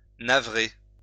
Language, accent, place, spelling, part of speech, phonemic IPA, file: French, France, Lyon, navrer, verb, /na.vʁe/, LL-Q150 (fra)-navrer.wav
- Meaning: 1. to cause great pain or affliction 2. to upset; dismay 3. to wound